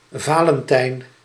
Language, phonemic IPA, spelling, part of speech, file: Dutch, /ˈvaːlənˌtɛi̯n/, Valentijn, proper noun, Nl-Valentijn.ogg
- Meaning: 1. a male given name, equivalent to English Valentine 2. a surname 3. Saint Valentine's Day